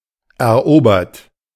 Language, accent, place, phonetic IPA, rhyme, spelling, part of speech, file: German, Germany, Berlin, [ɛɐ̯ˈʔoːbɐt], -oːbɐt, erobert, verb, De-erobert.ogg
- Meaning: 1. past participle of erobern 2. inflection of erobern: third-person singular present 3. inflection of erobern: second-person plural present 4. inflection of erobern: plural imperative